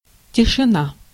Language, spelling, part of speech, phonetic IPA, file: Russian, тишина, noun, [tʲɪʂɨˈna], Ru-тишина.ogg
- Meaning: silence, quietness, hush (the lack of any sound)